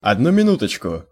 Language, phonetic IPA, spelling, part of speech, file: Russian, [ɐdˈnu mʲɪˈnutət͡ɕkʊ], одну минуточку, interjection, Ru-одну минуточку.ogg
- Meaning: wait a minute, one moment, please